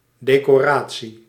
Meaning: 1. ornamental decoration, such as for various festivities 2. honorary decoration, such as a medal
- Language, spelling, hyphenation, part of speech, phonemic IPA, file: Dutch, decoratie, de‧co‧ra‧tie, noun, /ˌdeː.koːˈraː.(t)si/, Nl-decoratie.ogg